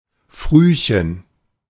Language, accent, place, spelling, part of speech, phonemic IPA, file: German, Germany, Berlin, Frühchen, noun, /ˈfʁyːçən/, De-Frühchen.ogg
- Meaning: preemie (premature baby)